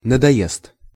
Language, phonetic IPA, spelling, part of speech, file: Russian, [nədɐˈjest], надоест, verb, Ru-надоест.ogg
- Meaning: third-person singular future indicative perfective of надое́сть (nadojéstʹ)